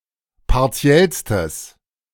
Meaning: strong/mixed nominative/accusative neuter singular superlative degree of partiell
- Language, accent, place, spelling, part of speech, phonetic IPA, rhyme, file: German, Germany, Berlin, partiellstes, adjective, [paʁˈt͡si̯ɛlstəs], -ɛlstəs, De-partiellstes.ogg